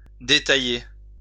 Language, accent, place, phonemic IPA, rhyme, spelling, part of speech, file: French, France, Lyon, /de.ta.je/, -je, détailler, verb, LL-Q150 (fra)-détailler.wav
- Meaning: 1. to detail (to explain in detail) 2. to retail